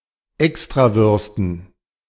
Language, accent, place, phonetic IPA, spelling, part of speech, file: German, Germany, Berlin, [ˈɛkstʁaˌvʏʁstn̩], Extrawürsten, noun, De-Extrawürsten.ogg
- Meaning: dative plural of Extrawurst